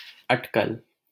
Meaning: guess, estimate, conjecture
- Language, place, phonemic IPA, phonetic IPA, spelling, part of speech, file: Hindi, Delhi, /əʈ.kəl/, [ɐʈ.kɐl], अटकल, noun, LL-Q1568 (hin)-अटकल.wav